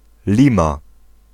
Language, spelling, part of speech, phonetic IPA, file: Polish, Lima, proper noun, [ˈlʲĩma], Pl-Lima.ogg